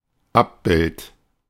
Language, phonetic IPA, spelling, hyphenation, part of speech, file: German, [ˈapˌbɪlt], Abbild, Ab‧bild, noun, De-Abbild.oga
- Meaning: 1. image, reflection 2. image, picture, portrayal